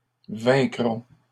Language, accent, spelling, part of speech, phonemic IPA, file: French, Canada, vaincrons, verb, /vɛ̃.kʁɔ̃/, LL-Q150 (fra)-vaincrons.wav
- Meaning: first-person plural future of vaincre